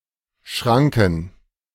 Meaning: 1. gate (barrier that can be pulled or moved up to allow passage) 2. a level crossing with such a gate 3. plural of Schranke
- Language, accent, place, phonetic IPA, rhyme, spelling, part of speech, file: German, Germany, Berlin, [ˈʃʁaŋkn̩], -aŋkn̩, Schranken, noun, De-Schranken.ogg